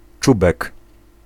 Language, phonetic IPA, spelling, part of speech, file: Polish, [ˈt͡ʃubɛk], czubek, noun, Pl-czubek.ogg